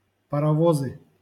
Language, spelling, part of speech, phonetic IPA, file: Russian, паровозы, noun, [pərɐˈvozɨ], LL-Q7737 (rus)-паровозы.wav
- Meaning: nominative/accusative plural of парово́з (parovóz)